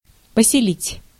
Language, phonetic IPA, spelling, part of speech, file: Russian, [pəsʲɪˈlʲitʲ], поселить, verb, Ru-поселить.ogg
- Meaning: 1. to settle, to lodge 2. to inspire, to engender